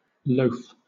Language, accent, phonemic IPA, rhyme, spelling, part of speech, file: English, Southern England, /ləʊf/, -əʊf, loaf, noun / verb, LL-Q1860 (eng)-loaf.wav
- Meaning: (noun) 1. A block of bread after baking 2. Any solid block of food, such as meat or sugar 3. Ellipsis of loaf of bread: the brain or the head